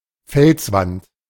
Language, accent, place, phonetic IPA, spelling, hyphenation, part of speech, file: German, Germany, Berlin, [ˈfɛlsˌvant], Felswand, Fels‧wand, noun, De-Felswand.ogg
- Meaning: cliff face